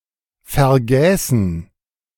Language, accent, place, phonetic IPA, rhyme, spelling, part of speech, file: German, Germany, Berlin, [fɛɐ̯ˈɡɛːsn̩], -ɛːsn̩, vergäßen, verb, De-vergäßen.ogg
- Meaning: first/third-person plural subjunctive II of vergessen